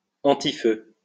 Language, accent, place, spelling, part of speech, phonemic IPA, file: French, France, Lyon, antifeu, adjective, /ɑ̃.ti.fø/, LL-Q150 (fra)-antifeu.wav
- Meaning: fire-retardant